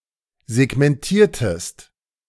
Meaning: inflection of segmentieren: 1. second-person singular preterite 2. second-person singular subjunctive II
- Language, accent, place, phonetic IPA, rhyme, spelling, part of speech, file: German, Germany, Berlin, [zɛɡmɛnˈtiːɐ̯təst], -iːɐ̯təst, segmentiertest, verb, De-segmentiertest.ogg